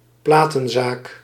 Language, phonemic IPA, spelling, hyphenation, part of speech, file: Dutch, /ˈplaː.tə(n)ˌzaːk/, platenzaak, pla‧ten‧zaak, noun, Nl-platenzaak.ogg
- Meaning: record shop, record store